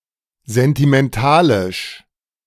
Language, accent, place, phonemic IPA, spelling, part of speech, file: German, Germany, Berlin, /zɛntimɛnˈtaːlɪʃ/, sentimentalisch, adjective, De-sentimentalisch.ogg
- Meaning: sentimental, emotional